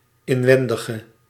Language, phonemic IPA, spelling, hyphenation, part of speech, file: Dutch, /ɪɱˈwɛndəɣə/, inwendige, in‧wen‧di‧ge, adjective, Nl-inwendige.ogg
- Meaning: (adjective) inflection of inwendig: 1. masculine/feminine singular attributive 2. definite neuter singular attributive 3. plural attributive; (noun) inside